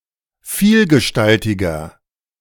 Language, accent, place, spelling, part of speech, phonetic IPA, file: German, Germany, Berlin, vielgestaltiger, adjective, [ˈfiːlɡəˌʃtaltɪɡɐ], De-vielgestaltiger.ogg
- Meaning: 1. comparative degree of vielgestaltig 2. inflection of vielgestaltig: strong/mixed nominative masculine singular 3. inflection of vielgestaltig: strong genitive/dative feminine singular